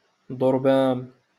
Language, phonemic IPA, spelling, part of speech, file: Moroccan Arabic, /dˤur.baːn/, ضربان, noun, LL-Q56426 (ary)-ضربان.wav
- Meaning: porcupine